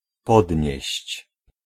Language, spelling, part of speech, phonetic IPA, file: Polish, podnieść, verb, [ˈpɔdʲɲɛ̇ɕt͡ɕ], Pl-podnieść.ogg